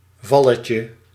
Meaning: diminutive of val
- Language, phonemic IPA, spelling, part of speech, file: Dutch, /ˈvɑləcə/, valletje, noun, Nl-valletje.ogg